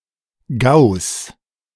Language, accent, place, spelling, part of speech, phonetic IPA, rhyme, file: German, Germany, Berlin, Gaus, noun, [ɡaʊ̯s], -aʊ̯s, De-Gaus.ogg
- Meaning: genitive singular of Gau